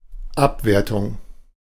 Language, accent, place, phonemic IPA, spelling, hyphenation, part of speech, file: German, Germany, Berlin, /ˈapˌveːɐ̯tʊŋ/, Abwertung, Ab‧wer‧tung, noun, De-Abwertung.ogg
- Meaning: devaluation (lessening or lowering in value)